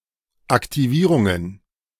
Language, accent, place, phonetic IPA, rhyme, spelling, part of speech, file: German, Germany, Berlin, [aktiˈviːʁʊŋən], -iːʁʊŋən, Aktivierungen, noun, De-Aktivierungen.ogg
- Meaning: plural of Aktivierung